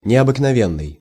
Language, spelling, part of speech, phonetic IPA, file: Russian, необыкновенный, adjective, [nʲɪəbɨknɐˈvʲenːɨj], Ru-необыкновенный.ogg
- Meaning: unusual, uncommon, extraordinary